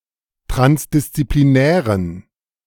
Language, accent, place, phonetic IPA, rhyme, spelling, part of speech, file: German, Germany, Berlin, [ˌtʁansdɪst͡sipliˈnɛːʁən], -ɛːʁən, transdisziplinären, adjective, De-transdisziplinären.ogg
- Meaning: inflection of transdisziplinär: 1. strong genitive masculine/neuter singular 2. weak/mixed genitive/dative all-gender singular 3. strong/weak/mixed accusative masculine singular